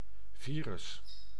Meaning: 1. virus 2. virus (computer virus)
- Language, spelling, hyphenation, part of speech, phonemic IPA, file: Dutch, virus, vi‧rus, noun, /ˈviː.rʏs/, Nl-virus.ogg